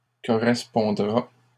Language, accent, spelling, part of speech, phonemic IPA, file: French, Canada, correspondra, verb, /kɔ.ʁɛs.pɔ̃.dʁa/, LL-Q150 (fra)-correspondra.wav
- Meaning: third-person singular future of correspondre